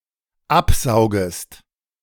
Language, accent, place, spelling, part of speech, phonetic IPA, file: German, Germany, Berlin, absaugest, verb, [ˈapˌzaʊ̯ɡəst], De-absaugest.ogg
- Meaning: second-person singular dependent subjunctive I of absaugen